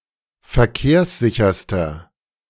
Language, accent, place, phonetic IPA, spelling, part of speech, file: German, Germany, Berlin, [fɛɐ̯ˈkeːɐ̯sˌzɪçɐstɐ], verkehrssicherster, adjective, De-verkehrssicherster.ogg
- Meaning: inflection of verkehrssicher: 1. strong/mixed nominative masculine singular superlative degree 2. strong genitive/dative feminine singular superlative degree